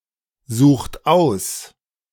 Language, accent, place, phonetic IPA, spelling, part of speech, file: German, Germany, Berlin, [ˌzuːxt ˈaʊ̯s], sucht aus, verb, De-sucht aus.ogg
- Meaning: inflection of aussuchen: 1. second-person plural present 2. third-person singular present 3. plural imperative